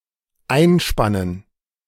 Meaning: to clamp
- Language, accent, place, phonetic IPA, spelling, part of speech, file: German, Germany, Berlin, [ˈaɪ̯nˌʃpanən], einspannen, verb, De-einspannen.ogg